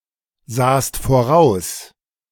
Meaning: second-person singular preterite of voraussehen
- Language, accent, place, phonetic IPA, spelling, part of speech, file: German, Germany, Berlin, [ˌzaːst foˈʁaʊ̯s], sahst voraus, verb, De-sahst voraus.ogg